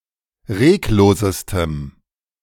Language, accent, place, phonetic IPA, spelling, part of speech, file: German, Germany, Berlin, [ˈʁeːkˌloːzəstəm], reglosestem, adjective, De-reglosestem.ogg
- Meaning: strong dative masculine/neuter singular superlative degree of reglos